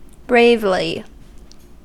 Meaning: In a brave manner
- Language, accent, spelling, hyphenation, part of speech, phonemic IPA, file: English, US, bravely, brave‧ly, adverb, /ˈbɹeɪvli/, En-us-bravely.ogg